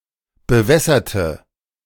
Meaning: inflection of bewässern: 1. first/third-person singular preterite 2. first/third-person singular subjunctive II
- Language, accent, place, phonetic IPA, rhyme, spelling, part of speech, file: German, Germany, Berlin, [bəˈvɛsɐtə], -ɛsɐtə, bewässerte, adjective / verb, De-bewässerte.ogg